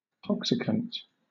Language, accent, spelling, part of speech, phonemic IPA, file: English, Southern England, toxicant, adjective / noun, /ˈtɒksɪkənt/, LL-Q1860 (eng)-toxicant.wav
- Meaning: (adjective) 1. Capable of causing damage or dysfunction by toxicity 2. Capable of causing damage or dysfunction by toxicity.: Poisonous; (noun) A toxic or poisonous substance